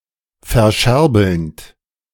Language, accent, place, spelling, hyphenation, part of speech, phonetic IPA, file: German, Germany, Berlin, verscherbelnd, ver‧scher‧belnd, verb, [fɛɐ̯ˈʃɛʁbl̩nt], De-verscherbelnd.ogg
- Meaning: present participle of verscherbeln